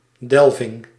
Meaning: digging, excavation
- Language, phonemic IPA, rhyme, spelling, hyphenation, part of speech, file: Dutch, /ˈdɛl.vɪŋ/, -ɛlvɪŋ, delving, del‧ving, noun, Nl-delving.ogg